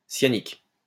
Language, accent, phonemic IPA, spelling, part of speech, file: French, France, /sja.nik/, cyanique, adjective, LL-Q150 (fra)-cyanique.wav
- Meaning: cyanic